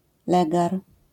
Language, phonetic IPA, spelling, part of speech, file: Polish, [ˈlɛɡar], legar, noun, LL-Q809 (pol)-legar.wav